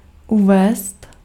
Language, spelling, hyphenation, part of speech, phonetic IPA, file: Czech, uvést, u‧vést, verb, [ˈuvɛːst], Cs-uvést.ogg
- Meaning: 1. to present (of a movie) 2. to introduce 3. to state